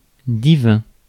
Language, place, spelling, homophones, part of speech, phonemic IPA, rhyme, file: French, Paris, divin, divins, adjective, /di.vɛ̃/, -ɛ̃, Fr-divin.ogg
- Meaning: 1. divine, godlike (of or pertaining to a god) 2. divine, exquisite